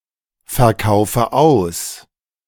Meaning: inflection of ausverkaufen: 1. first-person singular present 2. first/third-person singular subjunctive I 3. singular imperative
- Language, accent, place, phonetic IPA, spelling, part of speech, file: German, Germany, Berlin, [fɛɐ̯ˌkaʊ̯fə ˈaʊ̯s], verkaufe aus, verb, De-verkaufe aus.ogg